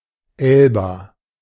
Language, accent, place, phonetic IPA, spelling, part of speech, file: German, Germany, Berlin, [ˈɛlba], Elba, proper noun, De-Elba.ogg
- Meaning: Elba (an Italian island in the Tuscan Archipelago off the west coast of Italy, administratively part of Tuscany; between the Italian coast and Corsica)